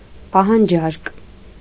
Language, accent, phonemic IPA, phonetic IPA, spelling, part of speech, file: Armenian, Eastern Armenian, /pɑhɑnˈd͡ʒɑɾk/, [pɑhɑnd͡ʒɑ́ɾk], պահանջարկ, noun, Hy-պահանջարկ.ogg
- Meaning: demand